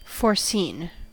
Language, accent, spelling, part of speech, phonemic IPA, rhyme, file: English, US, foreseen, verb / adjective, /fɔɹˈsiːn/, -iːn, En-us-foreseen.ogg
- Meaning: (verb) past participle of foresee; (adjective) Having been seen in advance